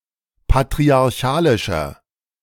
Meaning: 1. comparative degree of patriarchalisch 2. inflection of patriarchalisch: strong/mixed nominative masculine singular 3. inflection of patriarchalisch: strong genitive/dative feminine singular
- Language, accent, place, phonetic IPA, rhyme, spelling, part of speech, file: German, Germany, Berlin, [patʁiaʁˈçaːlɪʃɐ], -aːlɪʃɐ, patriarchalischer, adjective, De-patriarchalischer.ogg